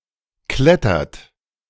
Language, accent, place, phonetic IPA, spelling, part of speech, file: German, Germany, Berlin, [ˈklɛtɐt], klettert, verb, De-klettert.ogg
- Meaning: inflection of klettern: 1. third-person singular present 2. second-person plural present 3. plural imperative